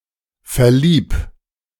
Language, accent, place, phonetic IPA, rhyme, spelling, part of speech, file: German, Germany, Berlin, [fɛɐ̯ˈliːp], -iːp, verlieb, verb, De-verlieb.ogg
- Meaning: 1. singular imperative of verlieben 2. first-person singular present of verlieben